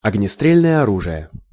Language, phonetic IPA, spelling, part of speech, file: Russian, [ɐɡnʲɪˈstrʲelʲnəjə ɐˈruʐɨje], огнестрельное оружие, noun, Ru-огнестрельное оружие.ogg
- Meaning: firearm(s), artillery (any type of weapon launching a projectile through combustion of a chemical propellant, from handguns to artillery pieces)